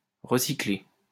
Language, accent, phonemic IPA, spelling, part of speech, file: French, France, /ʁə.si.kle/, recycler, verb, LL-Q150 (fra)-recycler.wav
- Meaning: to recycle